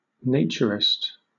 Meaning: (noun) One who follows a philosophical belief in a naked, natural life and prefers to live without clothes, often for reasons of ecology, health, religious belief, and/or ethical concerns
- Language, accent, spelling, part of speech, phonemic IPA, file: English, Southern England, naturist, noun / adjective, /ˈneɪt͡ʃəɹɪst/, LL-Q1860 (eng)-naturist.wav